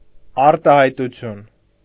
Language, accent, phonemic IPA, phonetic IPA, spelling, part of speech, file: Armenian, Eastern Armenian, /ɑɾtɑhɑjtuˈtʰjun/, [ɑɾtɑhɑjtut͡sʰjún], արտահայտություն, noun, Hy-արտահայտություն.ogg
- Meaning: 1. expression (particular way of phrasing an idea) 2. expression (colloquialism or idiom) 3. expression (facial appearance) 4. expression